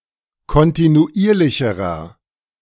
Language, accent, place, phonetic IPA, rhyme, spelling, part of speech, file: German, Germany, Berlin, [kɔntinuˈʔiːɐ̯lɪçəʁɐ], -iːɐ̯lɪçəʁɐ, kontinuierlicherer, adjective, De-kontinuierlicherer.ogg
- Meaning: inflection of kontinuierlich: 1. strong/mixed nominative masculine singular comparative degree 2. strong genitive/dative feminine singular comparative degree